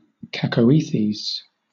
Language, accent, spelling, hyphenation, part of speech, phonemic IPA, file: English, Southern England, cacoethes, ca‧co‧e‧thes, noun, /ˌkækəʊˈiːθiːz/, LL-Q1860 (eng)-cacoethes.wav
- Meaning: 1. Compulsion; mania 2. A bad quality or disposition in a disease; a malignant tumour or ulcer